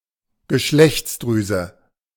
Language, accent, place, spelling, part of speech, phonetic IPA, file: German, Germany, Berlin, Geschlechtsdrüse, noun, [ɡəˈʃlɛçt͡sˌdʁyːzə], De-Geschlechtsdrüse.ogg
- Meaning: gonad (sex gland such as a testicle or ovary)